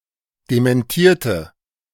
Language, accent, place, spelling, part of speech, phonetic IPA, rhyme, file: German, Germany, Berlin, dementierte, adjective / verb, [demɛnˈtiːɐ̯tə], -iːɐ̯tə, De-dementierte.ogg
- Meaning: inflection of dementieren: 1. first/third-person singular preterite 2. first/third-person singular subjunctive II